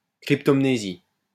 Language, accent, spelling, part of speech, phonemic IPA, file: French, France, cryptomnésie, noun, /kʁip.tɔm.ne.zi/, LL-Q150 (fra)-cryptomnésie.wav
- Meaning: cryptomnesia (phenomenon of the reappearance of long-forgotten memory as if it were a new experience)